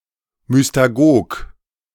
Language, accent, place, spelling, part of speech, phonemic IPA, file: German, Germany, Berlin, Mystagog, noun, /mʏstaˈɡoːk/, De-Mystagog.ogg
- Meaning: alternative form of Mystagoge